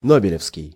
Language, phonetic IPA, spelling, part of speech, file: Russian, [ˈnobʲɪlʲɪfskʲɪj], нобелевский, adjective, Ru-нобелевский.ogg
- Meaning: Nobel